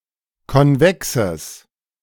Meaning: strong/mixed nominative/accusative neuter singular of konvex
- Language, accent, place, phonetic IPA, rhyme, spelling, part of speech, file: German, Germany, Berlin, [kɔnˈvɛksəs], -ɛksəs, konvexes, adjective, De-konvexes.ogg